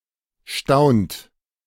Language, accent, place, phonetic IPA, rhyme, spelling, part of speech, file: German, Germany, Berlin, [ʃtaʊ̯nt], -aʊ̯nt, staunt, verb, De-staunt.ogg
- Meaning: inflection of staunen: 1. second-person plural present 2. third-person singular present 3. plural imperative